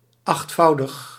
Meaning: eightfold
- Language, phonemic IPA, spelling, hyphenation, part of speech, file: Dutch, /ˌɑxtˈfɑu̯.dəx/, achtvoudig, acht‧vou‧dig, adjective, Nl-achtvoudig.ogg